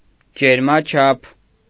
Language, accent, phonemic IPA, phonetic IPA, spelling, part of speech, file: Armenian, Eastern Armenian, /d͡ʒeɾmɑˈt͡ʃʰɑpʰ/, [d͡ʒeɾmɑt͡ʃʰɑ́pʰ], ջերմաչափ, noun, Hy-ջերմաչափ.ogg
- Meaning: thermometer